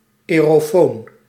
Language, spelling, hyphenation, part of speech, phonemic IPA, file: Dutch, aerofoon, ae‧ro‧foon, noun, /ˌɛː.roːˈfoːn/, Nl-aerofoon.ogg
- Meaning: 1. aerophone 2. aerophone (device invented by Edison that transports spoken sounds through compress air)